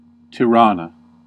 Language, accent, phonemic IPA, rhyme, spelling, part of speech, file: English, US, /tɪˈɹɑː.nə/, -ɑːnə, Tirana, proper noun, En-us-Tirana.ogg